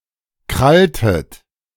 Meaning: inflection of krallen: 1. second-person plural preterite 2. second-person plural subjunctive II
- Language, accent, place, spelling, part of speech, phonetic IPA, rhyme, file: German, Germany, Berlin, kralltet, verb, [ˈkʁaltət], -altət, De-kralltet.ogg